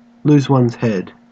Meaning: 1. To be killed, usually in a gruesome manner 2. To suffer decapitation 3. To behave irrationally or to lose one's self-control, especially in a distressing situation or as a result of falling in love
- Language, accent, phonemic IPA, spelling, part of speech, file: English, Australia, /luːz wʌnz hɛd/, lose one's head, verb, En-au-lose one's head.ogg